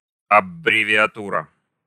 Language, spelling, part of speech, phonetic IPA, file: Russian, аббревиатура, noun, [ɐbrʲɪvʲɪɐˈturə], Ru-аббревиатура.ogg